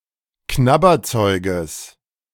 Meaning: genitive of Knabberzeug
- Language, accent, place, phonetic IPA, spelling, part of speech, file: German, Germany, Berlin, [ˈknabɐˌt͡sɔɪ̯ɡəs], Knabberzeuges, noun, De-Knabberzeuges.ogg